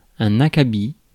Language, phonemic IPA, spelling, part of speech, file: French, /a.ka.bi/, acabit, noun, Fr-acabit.ogg
- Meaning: kind, type, sort